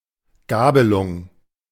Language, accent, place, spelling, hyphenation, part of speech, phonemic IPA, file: German, Germany, Berlin, Gabelung, Ga‧be‧lung, noun, /ˈɡaːbəlʊŋ/, De-Gabelung.ogg
- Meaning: fork, bifurcation